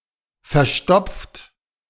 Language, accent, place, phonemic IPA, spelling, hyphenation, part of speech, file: German, Germany, Berlin, /fɛʁˈʃtɔpft/, verstopft, ver‧stopft, verb / adjective, De-verstopft.ogg
- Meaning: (verb) past participle of verstopfen; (adjective) 1. stopped up, stuffy (nose) 2. constipated; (verb) inflection of verstopfen: 1. third-person singular present 2. second-person plural present